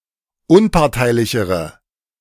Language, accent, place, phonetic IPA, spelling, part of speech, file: German, Germany, Berlin, [ˈʊnpaʁtaɪ̯lɪçəʁə], unparteilichere, adjective, De-unparteilichere.ogg
- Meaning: inflection of unparteilich: 1. strong/mixed nominative/accusative feminine singular comparative degree 2. strong nominative/accusative plural comparative degree